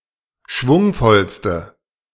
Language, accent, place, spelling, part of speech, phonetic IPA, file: German, Germany, Berlin, schwungvollste, adjective, [ˈʃvʊŋfɔlstə], De-schwungvollste.ogg
- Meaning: inflection of schwungvoll: 1. strong/mixed nominative/accusative feminine singular superlative degree 2. strong nominative/accusative plural superlative degree